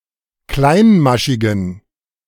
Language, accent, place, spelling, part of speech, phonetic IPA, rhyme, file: German, Germany, Berlin, kleinmaschigen, adjective, [ˈklaɪ̯nˌmaʃɪɡn̩], -aɪ̯nmaʃɪɡn̩, De-kleinmaschigen.ogg
- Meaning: inflection of kleinmaschig: 1. strong genitive masculine/neuter singular 2. weak/mixed genitive/dative all-gender singular 3. strong/weak/mixed accusative masculine singular 4. strong dative plural